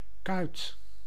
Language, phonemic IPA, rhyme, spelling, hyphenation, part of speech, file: Dutch, /kœy̯t/, -œy̯t, kuit, kuit, noun, Nl-kuit.ogg
- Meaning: 1. calf, fleshy part of the lower leg 2. the corresponding part of a sock or stocking 3. spawn, roe (fish eggs)